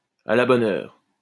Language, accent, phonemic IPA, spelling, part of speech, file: French, France, /a la bɔ.n‿œʁ/, à la bonne heure, interjection / adverb, LL-Q150 (fra)-à la bonne heure.wav
- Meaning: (interjection) General expression of approval: splendid! that's the spirit! that's great!; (adverb) 1. at the right time 2. timely; opportunely; à propos